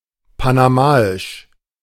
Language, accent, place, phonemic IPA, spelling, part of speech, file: German, Germany, Berlin, /panaˈmaːɪʃ/, panamaisch, adjective, De-panamaisch.ogg
- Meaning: of Panama; Panamanian